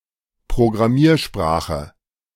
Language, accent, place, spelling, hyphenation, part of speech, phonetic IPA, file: German, Germany, Berlin, Programmiersprache, Pro‧gram‧mier‧spra‧che, noun, [pʁoɡʁaˈmiːɐ̯ˌʃpʁaːxə], De-Programmiersprache.ogg
- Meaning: programming language